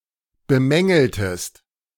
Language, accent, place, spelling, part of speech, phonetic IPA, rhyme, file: German, Germany, Berlin, bemängeltest, verb, [bəˈmɛŋl̩təst], -ɛŋl̩təst, De-bemängeltest.ogg
- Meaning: inflection of bemängeln: 1. second-person singular preterite 2. second-person singular subjunctive II